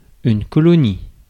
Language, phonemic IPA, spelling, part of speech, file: French, /kɔ.lɔ.ni/, colonie, noun, Fr-colonie.ogg
- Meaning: colony